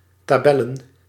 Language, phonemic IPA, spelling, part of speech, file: Dutch, /taːˈbɛ.lə(n)/, tabellen, noun, Nl-tabellen.ogg
- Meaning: plural of tabel